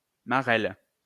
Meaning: hopscotch
- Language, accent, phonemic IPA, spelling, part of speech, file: French, France, /ma.ʁɛl/, marelle, noun, LL-Q150 (fra)-marelle.wav